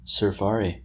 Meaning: 1. A hunt for good surfing conditions 2. The surfers on such a hunt
- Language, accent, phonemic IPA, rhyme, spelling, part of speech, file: English, US, /sɜː(ɹ)ˈfɑːɹi/, -ɑːɹi, surfari, noun, En-us-surfari.oga